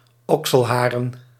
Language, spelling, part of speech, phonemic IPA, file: Dutch, okselharen, noun, /ˈɔksəlˌharə(n)/, Nl-okselharen.ogg
- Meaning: plural of okselhaar